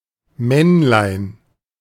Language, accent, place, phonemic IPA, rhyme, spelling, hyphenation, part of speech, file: German, Germany, Berlin, /ˈmɛnlaɪ̯n/, -ɛnlaɪ̯n, Männlein, Männ‧lein, noun, De-Männlein.ogg
- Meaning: 1. male animal or person 2. diminutive of Mann